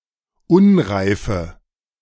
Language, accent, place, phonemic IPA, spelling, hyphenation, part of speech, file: German, Germany, Berlin, /ˈʊnˌʁaɪ̯fə/, Unreife, Un‧rei‧fe, noun, De-Unreife.ogg
- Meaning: 1. immaturity 2. unripeness